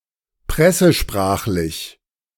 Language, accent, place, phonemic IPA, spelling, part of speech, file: German, Germany, Berlin, /ˈpʁɛsəˌʃpʁaːχlɪç/, pressesprachlich, adjective, De-pressesprachlich.ogg
- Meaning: journalese